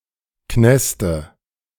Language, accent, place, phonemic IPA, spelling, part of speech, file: German, Germany, Berlin, /ˈknɛstə/, Knäste, noun, De-Knäste.ogg
- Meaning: nominative/accusative/genitive plural of Knast